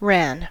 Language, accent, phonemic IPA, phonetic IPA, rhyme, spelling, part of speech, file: English, US, /ɹæn/, [ɹɛən], -æn, ran, verb / noun, En-us-ran.ogg
- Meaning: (verb) 1. simple past of run 2. simple past of rin 3. past participle of run; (noun) Yarns coiled on a spun-yarn winch